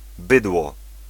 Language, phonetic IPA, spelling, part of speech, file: Polish, [ˈbɨdwɔ], bydło, noun, Pl-bydło.ogg